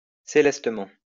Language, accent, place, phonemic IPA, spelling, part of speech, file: French, France, Lyon, /se.lɛs.tə.mɑ̃/, célestement, adverb, LL-Q150 (fra)-célestement.wav
- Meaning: celestially